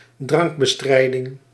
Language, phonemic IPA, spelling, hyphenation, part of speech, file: Dutch, /ˈdrɑŋk.bəˌstrɛi̯.dɪŋ/, drankbestrijding, drank‧be‧strij‧ding, noun, Nl-drankbestrijding.ogg
- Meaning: 1. temperance movement 2. the combatting of alcohol consumption